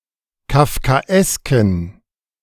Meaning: inflection of kafkaesk: 1. strong genitive masculine/neuter singular 2. weak/mixed genitive/dative all-gender singular 3. strong/weak/mixed accusative masculine singular 4. strong dative plural
- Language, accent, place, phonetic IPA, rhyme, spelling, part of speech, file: German, Germany, Berlin, [kafkaˈʔɛskn̩], -ɛskn̩, kafkaesken, adjective, De-kafkaesken.ogg